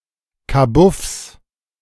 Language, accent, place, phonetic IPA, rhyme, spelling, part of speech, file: German, Germany, Berlin, [kaˈbʊfs], -ʊfs, Kabuffs, noun, De-Kabuffs.ogg
- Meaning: plural of Kabuff